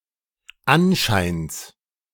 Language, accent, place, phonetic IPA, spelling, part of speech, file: German, Germany, Berlin, [ˈanˌʃaɪ̯ns], Anscheins, noun, De-Anscheins.ogg
- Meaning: genitive singular of Anschein